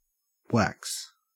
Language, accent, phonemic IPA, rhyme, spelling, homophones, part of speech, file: English, Australia, /wæks/, -æks, wax, whacks, noun / adjective / verb, En-au-wax.ogg
- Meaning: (noun) 1. Any oily, water-resistant, solid or semisolid substance; normally long-chain hydrocarbons, alcohols or esters 2. Beeswax (a wax secreted by bees) 3. Earwax (a wax secreted by the ears)